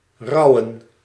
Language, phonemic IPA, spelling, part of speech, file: Dutch, /ˈrɑu̯ə(n)/, rouwen, verb, Nl-rouwen.ogg
- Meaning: to mourn, to grieve